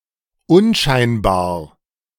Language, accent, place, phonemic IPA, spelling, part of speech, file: German, Germany, Berlin, /ˈʊnˌʃaɪ̯nbaːɐ̯/, unscheinbar, adjective, De-unscheinbar.ogg
- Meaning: inconspicuous, unobtrusive, nondescript